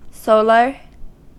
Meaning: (adjective) 1. Of or pertaining to the sun; proceeding from the sun 2. Born under the predominant influence of the sun
- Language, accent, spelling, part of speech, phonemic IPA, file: English, US, solar, adjective / noun, /ˈsoʊ.ləɹ/, En-us-solar.ogg